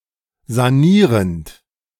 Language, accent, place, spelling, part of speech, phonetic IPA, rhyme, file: German, Germany, Berlin, sanierend, verb, [zaˈniːʁənt], -iːʁənt, De-sanierend.ogg
- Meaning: present participle of sanieren